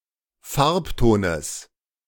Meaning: genitive singular of Farbton
- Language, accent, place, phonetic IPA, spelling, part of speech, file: German, Germany, Berlin, [ˈfaʁpˌtoːnəs], Farbtones, noun, De-Farbtones.ogg